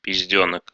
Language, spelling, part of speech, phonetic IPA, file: Russian, пиздёнок, noun, [pʲɪzʲˈdʲɵnək], Ru-пиздёнок.ogg
- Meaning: genitive plural of пиздёнка (pizdjónka)